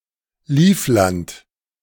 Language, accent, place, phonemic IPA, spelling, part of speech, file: German, Germany, Berlin, /ˈliːfˌlant/, Livland, proper noun, De-Livland.ogg
- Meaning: Livonia